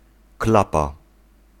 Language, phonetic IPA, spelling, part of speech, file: Polish, [ˈklapa], klapa, noun, Pl-klapa.ogg